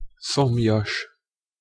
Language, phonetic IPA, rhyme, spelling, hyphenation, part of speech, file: Hungarian, [ˈsomjɒʃ], -ɒʃ, szomjas, szom‧jas, adjective, Hu-szomjas.ogg
- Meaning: thirsty